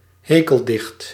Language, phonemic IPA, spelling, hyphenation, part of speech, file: Dutch, /ˈɦeː.kəlˌdɪxt/, hekeldicht, he‧kel‧dicht, noun, Nl-hekeldicht.ogg
- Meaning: a satirical poem